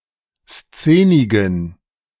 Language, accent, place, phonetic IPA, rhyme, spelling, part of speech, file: German, Germany, Berlin, [ˈst͡seːnɪɡn̩], -eːnɪɡn̩, szenigen, adjective, De-szenigen.ogg
- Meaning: inflection of szenig: 1. strong genitive masculine/neuter singular 2. weak/mixed genitive/dative all-gender singular 3. strong/weak/mixed accusative masculine singular 4. strong dative plural